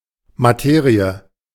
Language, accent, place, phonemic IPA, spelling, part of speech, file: German, Germany, Berlin, /maˈteːʁiə/, Materie, noun, De-Materie.ogg
- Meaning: 1. matter 2. subject matter, the practical realities and collected knowledge regarding the topic at hand 3. matter, material (as opposed to the form, or the immaterial)